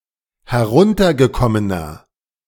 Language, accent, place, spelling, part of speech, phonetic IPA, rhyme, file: German, Germany, Berlin, heruntergekommener, adjective, [hɛˈʁʊntɐɡəˌkɔmənɐ], -ʊntɐɡəkɔmənɐ, De-heruntergekommener.ogg
- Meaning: 1. comparative degree of heruntergekommen 2. inflection of heruntergekommen: strong/mixed nominative masculine singular 3. inflection of heruntergekommen: strong genitive/dative feminine singular